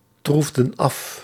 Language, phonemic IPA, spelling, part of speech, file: Dutch, /ˈtruvdə(n) ˈɑf/, troefden af, verb, Nl-troefden af.ogg
- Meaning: inflection of aftroeven: 1. plural past indicative 2. plural past subjunctive